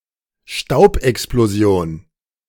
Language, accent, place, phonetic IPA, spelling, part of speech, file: German, Germany, Berlin, [ˈʃtaʊ̯pʔɛksploˌzi̯oːn], Staubexplosion, noun, De-Staubexplosion.ogg
- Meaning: dust explosion